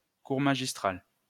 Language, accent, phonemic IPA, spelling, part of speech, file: French, France, /kuʁ ma.ʒis.tʁal/, cours magistral, noun, LL-Q150 (fra)-cours magistral.wav
- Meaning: lecture